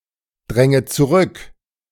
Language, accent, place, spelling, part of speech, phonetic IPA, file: German, Germany, Berlin, dränget zurück, verb, [ˌdʁɛŋət t͡suˈʁʏk], De-dränget zurück.ogg
- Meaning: second-person plural subjunctive I of zurückdrängen